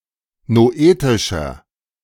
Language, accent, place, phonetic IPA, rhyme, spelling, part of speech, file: German, Germany, Berlin, [noˈʔeːtɪʃɐ], -eːtɪʃɐ, noetischer, adjective, De-noetischer.ogg
- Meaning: inflection of noetisch: 1. strong/mixed nominative masculine singular 2. strong genitive/dative feminine singular 3. strong genitive plural